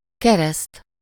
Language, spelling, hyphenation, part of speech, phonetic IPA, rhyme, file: Hungarian, kereszt, ke‧reszt, noun, [ˈkɛrɛst], -ɛst, Hu-kereszt.ogg
- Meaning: 1. cross 2. dagger (the text character †, used for footnotes and to signify death) 3. crucifix (on which Jesus died) 4. crucifix (on which Jesus died): Christianity, baptism